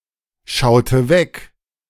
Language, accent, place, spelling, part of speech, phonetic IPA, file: German, Germany, Berlin, schaute weg, verb, [ˌʃaʊ̯tə ˈvɛk], De-schaute weg.ogg
- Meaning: inflection of wegschauen: 1. first/third-person singular preterite 2. first/third-person singular subjunctive II